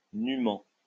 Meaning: naked; without clothing
- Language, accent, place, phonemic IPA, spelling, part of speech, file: French, France, Lyon, /ny.mɑ̃/, nûment, adverb, LL-Q150 (fra)-nûment.wav